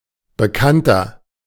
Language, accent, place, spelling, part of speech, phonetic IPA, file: German, Germany, Berlin, Bekannter, noun, [bəˈkantɐ], De-Bekannter.ogg
- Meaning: 1. acquaintance, friend (male or of unspecified gender) 2. inflection of Bekannte: strong genitive/dative singular 3. inflection of Bekannte: strong genitive plural